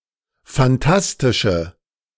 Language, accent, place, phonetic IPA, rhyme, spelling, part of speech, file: German, Germany, Berlin, [fanˈtastɪʃə], -astɪʃə, phantastische, adjective, De-phantastische.ogg
- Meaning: inflection of phantastisch: 1. strong/mixed nominative/accusative feminine singular 2. strong nominative/accusative plural 3. weak nominative all-gender singular